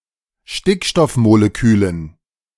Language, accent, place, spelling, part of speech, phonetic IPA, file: German, Germany, Berlin, Stickstoffmolekülen, noun, [ˈʃtɪkʃtɔfmoleˌkyːlən], De-Stickstoffmolekülen.ogg
- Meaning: dative plural of Stickstoffmolekül